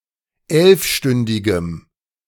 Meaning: strong dative masculine/neuter singular of elfstündig
- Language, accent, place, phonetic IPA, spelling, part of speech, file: German, Germany, Berlin, [ˈɛlfˌʃtʏndɪɡəm], elfstündigem, adjective, De-elfstündigem.ogg